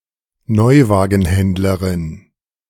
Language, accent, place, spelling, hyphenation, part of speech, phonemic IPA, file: German, Germany, Berlin, Neuwagenhändlerin, Neu‧wa‧gen‧händ‧le‧rin, noun, /ˈnɔʏ̯vaːɡənˌhɛndləʁɪn/, De-Neuwagenhändlerin.ogg
- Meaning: a female retail salesperson who sells new cars